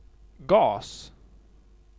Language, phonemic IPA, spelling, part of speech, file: Swedish, /ɡɑːs/, gas, noun, Sv-gas.ogg
- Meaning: 1. gas; a state of matter 2. gas; a compound or element in such a state 3. gas; gaseous fuels 4. gas; waste gas